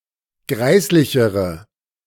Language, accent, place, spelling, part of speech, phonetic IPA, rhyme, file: German, Germany, Berlin, greislichere, adjective, [ˈɡʁaɪ̯slɪçəʁə], -aɪ̯slɪçəʁə, De-greislichere.ogg
- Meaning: inflection of greislich: 1. strong/mixed nominative/accusative feminine singular comparative degree 2. strong nominative/accusative plural comparative degree